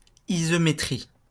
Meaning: isometry
- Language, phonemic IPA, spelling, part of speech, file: French, /i.zɔ.me.tʁi/, isométrie, noun, LL-Q150 (fra)-isométrie.wav